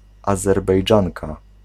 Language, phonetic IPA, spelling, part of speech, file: Polish, [ˌazɛrbɛjˈd͡ʒãŋka], Azerbejdżanka, noun, Pl-Azerbejdżanka.ogg